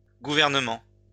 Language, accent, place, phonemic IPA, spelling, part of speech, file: French, France, Lyon, /ɡu.vɛʁ.nə.mɑ̃/, gouvernements, noun, LL-Q150 (fra)-gouvernements.wav
- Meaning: plural of gouvernement